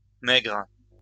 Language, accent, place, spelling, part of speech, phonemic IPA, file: French, France, Lyon, maigres, adjective, /mɛɡʁ/, LL-Q150 (fra)-maigres.wav
- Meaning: plural of maigre